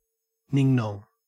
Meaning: Alternative form of ning-nong
- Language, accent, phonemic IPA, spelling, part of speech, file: English, Australia, /ˈnɪŋˌnɔŋ/, ning nong, noun, En-au-ning nong.ogg